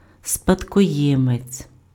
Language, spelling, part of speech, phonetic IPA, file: Ukrainian, спадкоємець, noun, [spɐdkɔˈjɛmet͡sʲ], Uk-спадкоємець.ogg
- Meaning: heir, inheritor